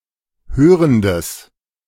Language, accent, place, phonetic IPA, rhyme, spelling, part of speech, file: German, Germany, Berlin, [ˈhøːʁəndəs], -øːʁəndəs, hörendes, adjective, De-hörendes.ogg
- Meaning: strong/mixed nominative/accusative neuter singular of hörend